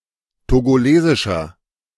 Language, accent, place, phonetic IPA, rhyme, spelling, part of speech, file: German, Germany, Berlin, [toɡoˈleːzɪʃɐ], -eːzɪʃɐ, togolesischer, adjective, De-togolesischer.ogg
- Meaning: inflection of togolesisch: 1. strong/mixed nominative masculine singular 2. strong genitive/dative feminine singular 3. strong genitive plural